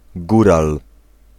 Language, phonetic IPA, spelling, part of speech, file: Polish, [ˈɡural], góral, noun, Pl-góral.ogg